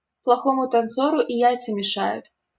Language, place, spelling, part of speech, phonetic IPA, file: Russian, Saint Petersburg, плохому танцору и яйца мешают, proverb, [pɫɐˈxomʊ tɐnˈt͡sorʊ i ˈjæjt͡sə mʲɪˈʂajʊt], LL-Q7737 (rus)-плохому танцору и яйца мешают.wav
- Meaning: a bad workman always blames his tools